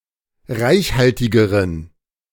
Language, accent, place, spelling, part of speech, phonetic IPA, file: German, Germany, Berlin, reichhaltigeren, adjective, [ˈʁaɪ̯çˌhaltɪɡəʁən], De-reichhaltigeren.ogg
- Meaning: inflection of reichhaltig: 1. strong genitive masculine/neuter singular comparative degree 2. weak/mixed genitive/dative all-gender singular comparative degree